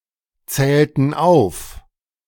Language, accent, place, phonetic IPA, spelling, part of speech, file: German, Germany, Berlin, [ˌt͡sɛːltn̩ ˈaʊ̯f], zählten auf, verb, De-zählten auf.ogg
- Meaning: inflection of aufzählen: 1. first/third-person plural preterite 2. first/third-person plural subjunctive II